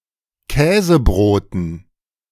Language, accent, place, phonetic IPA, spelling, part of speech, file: German, Germany, Berlin, [ˈkɛːzəˌbʁoːtn̩], Käsebroten, noun, De-Käsebroten.ogg
- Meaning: dative plural of Käsebrot